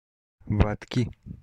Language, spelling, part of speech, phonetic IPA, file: Russian, ватки, noun, [ˈvatkʲɪ], Ru-ватки.ogg
- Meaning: inflection of ва́тка (vátka): 1. genitive singular 2. nominative/accusative plural